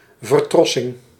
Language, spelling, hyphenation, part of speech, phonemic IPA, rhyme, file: Dutch, vertrossing, ver‧tros‧sing, noun, /vərˈtrɔ.sɪŋ/, -ɔsɪŋ, Nl-vertrossing.ogg